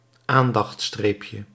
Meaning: diminutive of aandachtstreep
- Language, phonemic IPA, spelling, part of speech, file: Dutch, /ˈandɑx(t)ˌstrepjə/, aandachtstreepje, noun, Nl-aandachtstreepje.ogg